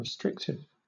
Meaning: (adjective) 1. Confining, limiting, containing within defined bounds 2. limiting free and easy bodily movement; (noun) A clause that narrows the meaning of a noun or noun phrase
- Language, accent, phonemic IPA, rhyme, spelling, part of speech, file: English, Southern England, /ɹɪˈstɹɪktɪv/, -ɪktɪv, restrictive, adjective / noun, LL-Q1860 (eng)-restrictive.wav